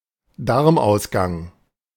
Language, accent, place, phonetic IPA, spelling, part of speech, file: German, Germany, Berlin, [ˈdaʁmʔaʊ̯sˌɡaŋ], Darmausgang, noun, De-Darmausgang.ogg
- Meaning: anus